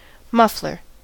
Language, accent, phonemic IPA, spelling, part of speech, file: English, US, /ˈmʌflɚ/, muffler, noun, En-us-muffler.ogg
- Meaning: Something or someone that muffles.: 1. A part of the exhaust pipe of a car that dampens the noise the engine produces 2. An accessory for a firearm that lessens the noise at the muzzle